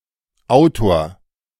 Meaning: author
- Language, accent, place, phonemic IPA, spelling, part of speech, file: German, Germany, Berlin, /ˈaʊ̯toːɐ̯/, Autor, noun, De-Autor.ogg